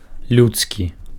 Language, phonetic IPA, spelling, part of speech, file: Belarusian, [lʲutˈskʲi], людскі, adjective, Be-людскі.ogg
- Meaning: human (of or belonging to the species Homo sapiens)